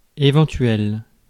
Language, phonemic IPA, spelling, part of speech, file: French, /e.vɑ̃.tɥɛl/, éventuel, adjective, Fr-éventuel.ogg
- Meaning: possible, hypothetical (that might come about)